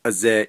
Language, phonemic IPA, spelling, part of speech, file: Navajo, /ʔɑ̀zèːʔ/, azeeʼ, noun, Nv-azeeʼ.ogg
- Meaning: medicine, drug, pharmaceutical